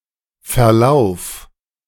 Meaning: singular imperative of verlaufen
- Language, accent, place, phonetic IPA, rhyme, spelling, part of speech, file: German, Germany, Berlin, [fɛɐ̯ˈlaʊ̯f], -aʊ̯f, verlauf, verb, De-verlauf.ogg